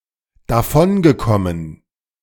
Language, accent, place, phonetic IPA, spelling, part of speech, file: German, Germany, Berlin, [daˈfɔnɡəˌkɔmən], davongekommen, verb, De-davongekommen.ogg
- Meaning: past participle of davonkommen